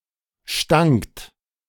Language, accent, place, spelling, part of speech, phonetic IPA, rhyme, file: German, Germany, Berlin, stankt, verb, [ʃtaŋkt], -aŋkt, De-stankt.ogg
- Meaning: second-person plural preterite of stinken